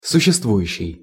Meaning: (verb) present active imperfective participle of существова́ть (suščestvovátʹ); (adjective) existing (that exists)
- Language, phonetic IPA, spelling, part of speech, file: Russian, [sʊɕːɪstˈvujʉɕːɪj], существующий, verb / adjective, Ru-существующий.ogg